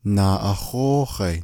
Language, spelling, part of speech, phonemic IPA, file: Navajo, naaʼahóóhai, noun, /nɑ̀ːʔɑ̀hóːhɑ̀ɪ̀/, Nv-naaʼahóóhai.ogg
- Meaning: 1. chicken 2. rodeo, fair, celebration 3. agricultural show (at a tribal, county, or state fair)